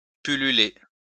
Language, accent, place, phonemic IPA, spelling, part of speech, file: French, France, Lyon, /py.ly.le/, pulluler, verb, LL-Q150 (fra)-pulluler.wav
- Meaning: 1. to teem 2. to swarm